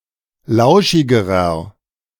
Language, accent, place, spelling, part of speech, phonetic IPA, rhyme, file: German, Germany, Berlin, lauschigerer, adjective, [ˈlaʊ̯ʃɪɡəʁɐ], -aʊ̯ʃɪɡəʁɐ, De-lauschigerer.ogg
- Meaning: inflection of lauschig: 1. strong/mixed nominative masculine singular comparative degree 2. strong genitive/dative feminine singular comparative degree 3. strong genitive plural comparative degree